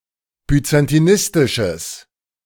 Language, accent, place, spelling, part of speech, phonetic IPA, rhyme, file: German, Germany, Berlin, byzantinistisches, adjective, [byt͡santiˈnɪstɪʃəs], -ɪstɪʃəs, De-byzantinistisches.ogg
- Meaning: strong/mixed nominative/accusative neuter singular of byzantinistisch